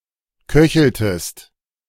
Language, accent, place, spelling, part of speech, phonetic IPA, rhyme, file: German, Germany, Berlin, köcheltest, verb, [ˈkœçl̩təst], -œçl̩təst, De-köcheltest.ogg
- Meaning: inflection of köcheln: 1. second-person singular preterite 2. second-person singular subjunctive II